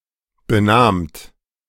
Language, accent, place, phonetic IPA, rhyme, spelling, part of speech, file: German, Germany, Berlin, [bəˈnaːmt], -aːmt, benahmt, verb, De-benahmt.ogg
- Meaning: second-person plural preterite of benehmen